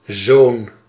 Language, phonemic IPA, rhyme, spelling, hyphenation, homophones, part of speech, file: Dutch, /zoːn/, -oːn, zoon, zoon, zo'n, noun, Nl-zoon.ogg
- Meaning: son